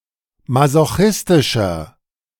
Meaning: 1. comparative degree of masochistisch 2. inflection of masochistisch: strong/mixed nominative masculine singular 3. inflection of masochistisch: strong genitive/dative feminine singular
- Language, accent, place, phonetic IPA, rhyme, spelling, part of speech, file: German, Germany, Berlin, [mazoˈxɪstɪʃɐ], -ɪstɪʃɐ, masochistischer, adjective, De-masochistischer.ogg